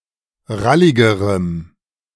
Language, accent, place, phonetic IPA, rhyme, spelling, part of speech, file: German, Germany, Berlin, [ˈʁalɪɡəʁəm], -alɪɡəʁəm, ralligerem, adjective, De-ralligerem.ogg
- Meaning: strong dative masculine/neuter singular comparative degree of rallig